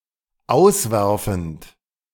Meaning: present participle of auswerfen
- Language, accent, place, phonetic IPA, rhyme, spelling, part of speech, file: German, Germany, Berlin, [ˈaʊ̯sˌvɛʁfn̩t], -aʊ̯svɛʁfn̩t, auswerfend, verb, De-auswerfend.ogg